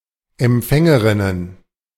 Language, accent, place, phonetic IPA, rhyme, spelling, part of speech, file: German, Germany, Berlin, [ɛmˈp͡fɛŋəʁɪnən], -ɛŋəʁɪnən, Empfängerinnen, noun, De-Empfängerinnen.ogg
- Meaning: plural of Empfängerin